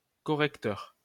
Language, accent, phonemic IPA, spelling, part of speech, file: French, France, /kɔ.ʁɛk.tœʁ/, correcteur, noun / adjective, LL-Q150 (fra)-correcteur.wav
- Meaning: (noun) a corrector, notably a proofreader; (adjective) corrective